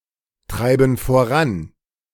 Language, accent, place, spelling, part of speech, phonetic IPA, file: German, Germany, Berlin, treiben voran, verb, [ˌtʁaɪ̯bn̩ foˈʁan], De-treiben voran.ogg
- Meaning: inflection of vorantreiben: 1. first/third-person plural present 2. first/third-person plural subjunctive I